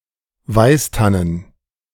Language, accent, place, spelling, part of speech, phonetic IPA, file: German, Germany, Berlin, Weißtannen, noun, [ˈvaɪ̯stanən], De-Weißtannen.ogg
- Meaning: plural of Weißtanne